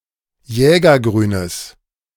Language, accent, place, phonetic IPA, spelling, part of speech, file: German, Germany, Berlin, [ˈjɛːɡɐˌɡʁyːnəs], jägergrünes, adjective, De-jägergrünes.ogg
- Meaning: strong/mixed nominative/accusative neuter singular of jägergrün